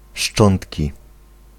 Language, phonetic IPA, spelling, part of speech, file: Polish, [ˈʃt͡ʃɔ̃ntʲci], szczątki, noun, Pl-szczątki.ogg